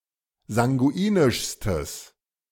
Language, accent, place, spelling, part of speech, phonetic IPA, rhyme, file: German, Germany, Berlin, sanguinischstes, adjective, [zaŋɡuˈiːnɪʃstəs], -iːnɪʃstəs, De-sanguinischstes.ogg
- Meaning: strong/mixed nominative/accusative neuter singular superlative degree of sanguinisch